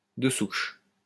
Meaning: pureblooded, native (of many generations standing, of impeccable pedigree)
- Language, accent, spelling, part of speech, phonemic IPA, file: French, France, de souche, adjective, /də suʃ/, LL-Q150 (fra)-de souche.wav